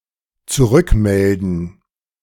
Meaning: to report back
- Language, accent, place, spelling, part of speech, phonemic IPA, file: German, Germany, Berlin, zurückmelden, verb, /t͡suˈʁʏkˌmɛldn̩/, De-zurückmelden.ogg